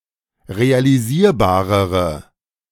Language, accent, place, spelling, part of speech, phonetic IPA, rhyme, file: German, Germany, Berlin, realisierbarere, adjective, [ʁealiˈziːɐ̯baːʁəʁə], -iːɐ̯baːʁəʁə, De-realisierbarere.ogg
- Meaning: inflection of realisierbar: 1. strong/mixed nominative/accusative feminine singular comparative degree 2. strong nominative/accusative plural comparative degree